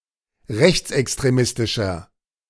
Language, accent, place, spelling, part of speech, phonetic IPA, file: German, Germany, Berlin, rechtsextremistischer, adjective, [ˈʁɛçt͡sʔɛkstʁeˌmɪstɪʃɐ], De-rechtsextremistischer.ogg
- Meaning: 1. comparative degree of rechtsextremistisch 2. inflection of rechtsextremistisch: strong/mixed nominative masculine singular